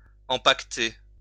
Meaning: 1. to package (put into a package) 2. to put away, put behind bars (imprison) 3. to wrap up (cover with many clothes)
- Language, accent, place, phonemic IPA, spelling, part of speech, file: French, France, Lyon, /ɑ̃.pak.te/, empaqueter, verb, LL-Q150 (fra)-empaqueter.wav